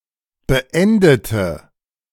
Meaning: inflection of beenden: 1. first/third-person singular preterite 2. first/third-person singular subjunctive II
- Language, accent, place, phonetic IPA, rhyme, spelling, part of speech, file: German, Germany, Berlin, [bəˈʔɛndətə], -ɛndətə, beendete, adjective / verb, De-beendete.ogg